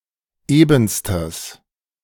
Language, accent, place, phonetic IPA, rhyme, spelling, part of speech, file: German, Germany, Berlin, [ˈeːbn̩stəs], -eːbn̩stəs, ebenstes, adjective, De-ebenstes.ogg
- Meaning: strong/mixed nominative/accusative neuter singular superlative degree of eben